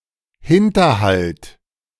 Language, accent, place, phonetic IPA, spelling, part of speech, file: German, Germany, Berlin, [ˈhɪntɐˌhalt], Hinterhalt, noun, De-Hinterhalt.ogg
- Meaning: ambush